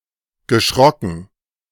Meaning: past participle of schrecken
- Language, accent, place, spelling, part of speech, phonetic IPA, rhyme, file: German, Germany, Berlin, geschrocken, verb, [ɡəˈʃʁɔkn̩], -ɔkn̩, De-geschrocken.ogg